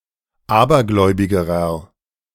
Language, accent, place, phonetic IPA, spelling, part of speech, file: German, Germany, Berlin, [ˈaːbɐˌɡlɔɪ̯bɪɡəʁɐ], abergläubigerer, adjective, De-abergläubigerer.ogg
- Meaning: inflection of abergläubig: 1. strong/mixed nominative masculine singular comparative degree 2. strong genitive/dative feminine singular comparative degree 3. strong genitive plural comparative degree